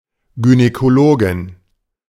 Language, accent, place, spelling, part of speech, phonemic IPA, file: German, Germany, Berlin, Gynäkologin, noun, /ˌɡynekoˈloːɡɪn/, De-Gynäkologin.ogg
- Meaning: gynecologist (female)